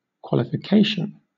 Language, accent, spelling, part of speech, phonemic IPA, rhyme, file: English, Southern England, qualification, noun, /ˌkwɒlɪfɪˈkeɪʃən/, -eɪʃən, LL-Q1860 (eng)-qualification.wav
- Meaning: 1. The act or process of qualifying for a position, achievement etc 2. An ability or attribute that aids someone's chances of qualifying for something; specifically, completed professional training